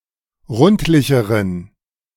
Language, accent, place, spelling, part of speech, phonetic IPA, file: German, Germany, Berlin, rundlicheren, adjective, [ˈʁʊntlɪçəʁən], De-rundlicheren.ogg
- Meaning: inflection of rundlich: 1. strong genitive masculine/neuter singular comparative degree 2. weak/mixed genitive/dative all-gender singular comparative degree